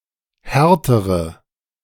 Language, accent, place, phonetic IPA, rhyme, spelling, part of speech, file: German, Germany, Berlin, [ˈhɛʁtəʁə], -ɛʁtəʁə, härtere, adjective, De-härtere.ogg
- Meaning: inflection of hart: 1. strong/mixed nominative/accusative feminine singular comparative degree 2. strong nominative/accusative plural comparative degree